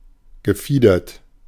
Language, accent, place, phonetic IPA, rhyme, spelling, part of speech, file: German, Germany, Berlin, [ɡəˈfiːdɐt], -iːdɐt, gefiedert, adjective / verb, De-gefiedert.ogg
- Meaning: 1. feathered, plumed 2. pinnate